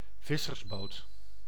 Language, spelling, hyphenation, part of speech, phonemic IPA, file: Dutch, vissersboot, vis‧sers‧boot, noun, /ˈvɪ.sərsˌboːt/, Nl-vissersboot.ogg
- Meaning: fishing boat